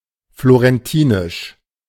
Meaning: of Florence; Florentine
- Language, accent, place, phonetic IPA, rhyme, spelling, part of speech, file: German, Germany, Berlin, [ˌfloʁɛnˈtiːnɪʃ], -iːnɪʃ, florentinisch, adjective, De-florentinisch.ogg